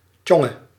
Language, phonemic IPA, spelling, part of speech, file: Dutch, /ˈtjɔŋə/, tjonge, interjection, Nl-tjonge.ogg
- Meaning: An exclamation of (mild) surprise, wonder or amazement